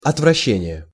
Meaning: aversion, disgust, repugnance
- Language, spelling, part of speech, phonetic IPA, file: Russian, отвращение, noun, [ɐtvrɐˈɕːenʲɪje], Ru-отвращение.ogg